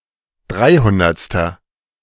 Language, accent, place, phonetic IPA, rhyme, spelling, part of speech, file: German, Germany, Berlin, [ˈdʁaɪ̯ˌhʊndɐt͡stɐ], -aɪ̯hʊndɐt͡stɐ, dreihundertster, adjective, De-dreihundertster.ogg
- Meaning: inflection of dreihundertste: 1. strong/mixed nominative masculine singular 2. strong genitive/dative feminine singular 3. strong genitive plural